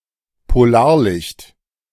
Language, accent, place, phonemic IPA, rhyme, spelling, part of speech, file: German, Germany, Berlin, /poˈlaːɐ̯ˌlɪçt/, -ɪçt, Polarlicht, noun, De-Polarlicht.ogg
- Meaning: aurora; polar light